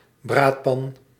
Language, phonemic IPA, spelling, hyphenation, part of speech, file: Dutch, /ˈbraːtpɑn/, braadpan, braad‧pan, noun, Nl-braadpan.ogg
- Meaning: Dutch oven, casserole